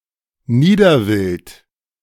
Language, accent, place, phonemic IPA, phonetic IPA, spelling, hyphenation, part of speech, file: German, Germany, Berlin, /ˈniːdərˌvɪlt/, [ˈniːdɐˌvɪlt], Niederwild, Nie‧der‧wild, noun, De-Niederwild.ogg
- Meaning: small game